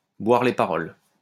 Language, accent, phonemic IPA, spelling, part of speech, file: French, France, /bwaʁ le pa.ʁɔl/, boire les paroles, verb, LL-Q150 (fra)-boire les paroles.wav
- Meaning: to lap up everything said by